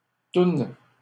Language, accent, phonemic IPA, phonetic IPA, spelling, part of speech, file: French, Canada, /tun/, [tʊn], toune, noun, LL-Q150 (fra)-toune.wav
- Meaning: tune, melody, song